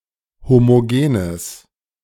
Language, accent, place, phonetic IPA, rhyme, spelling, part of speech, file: German, Germany, Berlin, [ˌhomoˈɡeːnəs], -eːnəs, homogenes, adjective, De-homogenes.ogg
- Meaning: strong/mixed nominative/accusative neuter singular of homogen